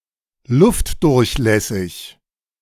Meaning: breathable (allowing the passage of air, especially of fabrics)
- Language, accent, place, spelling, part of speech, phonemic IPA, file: German, Germany, Berlin, luftdurchlässig, adjective, /ˈlʊftdʊʁçˌlɛsɪç/, De-luftdurchlässig.ogg